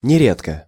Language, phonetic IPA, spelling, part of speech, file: Russian, [nʲɪˈrʲetkə], нередко, adverb, Ru-нередко.ogg
- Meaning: not infrequently, quite often, not rarely